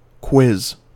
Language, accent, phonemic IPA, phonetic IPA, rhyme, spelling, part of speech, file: English, General American, /kwɪz/, [kʰw̥ɪz], -ɪz, quiz, noun / verb, En-us-quiz.ogg
- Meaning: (noun) 1. An odd, puzzling or absurd person or thing 2. One who questions or interrogates; a prying person 3. A competition in the answering of questions